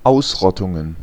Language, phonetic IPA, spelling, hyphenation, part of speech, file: German, [ˈaʊ̯sˌʁɔtʊŋən], Ausrottungen, Aus‧rot‧tun‧gen, noun, De-Ausrottungen.ogg
- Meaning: plural of Ausrottung